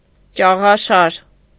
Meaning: 1. railing, handrail, banisters 2. balustrade
- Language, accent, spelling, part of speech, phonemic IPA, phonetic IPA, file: Armenian, Eastern Armenian, ճաղաշար, noun, /t͡ʃɑʁɑˈʃɑɾ/, [t͡ʃɑʁɑʃɑ́ɾ], Hy-ճաղաշար.ogg